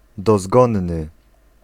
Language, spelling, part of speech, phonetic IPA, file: Polish, dozgonny, adjective, [dɔˈzɡɔ̃nːɨ], Pl-dozgonny.ogg